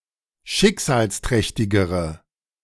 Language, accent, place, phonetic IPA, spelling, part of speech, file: German, Germany, Berlin, [ˈʃɪkzaːlsˌtʁɛçtɪɡəʁə], schicksalsträchtigere, adjective, De-schicksalsträchtigere.ogg
- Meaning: inflection of schicksalsträchtig: 1. strong/mixed nominative/accusative feminine singular comparative degree 2. strong nominative/accusative plural comparative degree